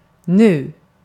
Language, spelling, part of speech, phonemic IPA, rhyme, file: Swedish, nu, adverb / noun, /nʉː/, -ʉː, Sv-nu.ogg
- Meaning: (adverb) 1. now (at this moment) 2. Used to emphasize a point in time close to the present; this; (noun) 1. present, now 2. present, now: moment (when more idiomatic in English)